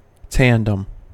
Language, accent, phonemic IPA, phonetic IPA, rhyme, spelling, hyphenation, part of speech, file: English, General American, /ˈtændəm/, [ˈtɛəndəm], -ændəm, tandem, tan‧dem, noun / adverb / adjective / verb, En-us-tandem.ogg
- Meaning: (noun) A carriage pulled by two or more draught animals (generally draught horses) harnessed one behind the other, both providing pulling power but only the animal in front being able to steer